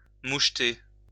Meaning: to fleck
- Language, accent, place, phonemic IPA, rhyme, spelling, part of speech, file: French, France, Lyon, /muʃ.te/, -e, moucheter, verb, LL-Q150 (fra)-moucheter.wav